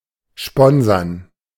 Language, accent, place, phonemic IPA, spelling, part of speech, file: German, Germany, Berlin, /ˈʃpɔnzɐn/, sponsern, verb, De-sponsern.ogg
- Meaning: to sponsor